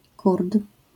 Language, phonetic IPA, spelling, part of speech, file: Polish, [kurt], Kurd, noun, LL-Q809 (pol)-Kurd.wav